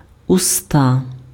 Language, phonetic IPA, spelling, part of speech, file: Ukrainian, [ʊˈsta], уста, noun, Uk-уста.ogg
- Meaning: alternative form of вуста́ (vustá)